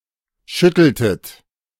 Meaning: inflection of schütteln: 1. second-person plural preterite 2. second-person plural subjunctive II
- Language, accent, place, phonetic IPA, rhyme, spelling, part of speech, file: German, Germany, Berlin, [ˈʃʏtl̩tət], -ʏtl̩tət, schütteltet, verb, De-schütteltet.ogg